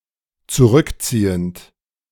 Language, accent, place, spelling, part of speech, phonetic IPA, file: German, Germany, Berlin, zurückziehend, verb, [t͡suˈʁʏkˌt͡siːənt], De-zurückziehend.ogg
- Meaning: present participle of zurückziehen